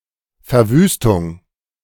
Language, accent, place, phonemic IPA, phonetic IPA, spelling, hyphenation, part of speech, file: German, Germany, Berlin, /fɛʁˈvyːstʊŋ/, [fɛɐ̯ˈvyːstʊŋ], Verwüstung, Ver‧wüs‧tung, noun, De-Verwüstung.ogg
- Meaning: 1. ravage, havoc, devastation, desolation 2. desertification